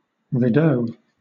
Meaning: A fortification or barrier such as a small earthen mound or ridge, a file of troops, etc
- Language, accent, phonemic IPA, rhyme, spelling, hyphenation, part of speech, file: English, Southern England, /ɹiˈdəʊ/, -əʊ, rideau, ri‧deau, noun, LL-Q1860 (eng)-rideau.wav